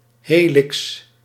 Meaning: helix
- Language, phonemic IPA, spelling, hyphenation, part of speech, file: Dutch, /ˈɦeː.lɪks/, helix, he‧lix, noun, Nl-helix.ogg